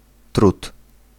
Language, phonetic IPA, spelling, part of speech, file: Polish, [trut], trud, noun, Pl-trud.ogg